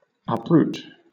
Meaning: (verb) 1. To tear up (a plant, etc.) by the roots, or as if by the roots; to extirpate, to root up 2. To destroy (something) utterly; to eradicate, exterminate
- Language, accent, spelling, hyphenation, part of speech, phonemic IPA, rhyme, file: English, Southern England, uproot, up‧root, verb / noun, /ˌʌpˈɹuːt/, -uːt, LL-Q1860 (eng)-uproot.wav